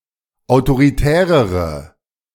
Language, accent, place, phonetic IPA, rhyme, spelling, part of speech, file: German, Germany, Berlin, [aʊ̯toʁiˈtɛːʁəʁə], -ɛːʁəʁə, autoritärere, adjective, De-autoritärere.ogg
- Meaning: inflection of autoritär: 1. strong/mixed nominative/accusative feminine singular comparative degree 2. strong nominative/accusative plural comparative degree